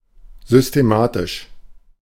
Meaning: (adjective) systematic; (adverb) systematically
- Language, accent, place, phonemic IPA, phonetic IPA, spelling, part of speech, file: German, Germany, Berlin, /zʏsteˈmaːtɪʃ/, [zʏstʰeˈmäːtʰɪʃ], systematisch, adjective / adverb, De-systematisch.ogg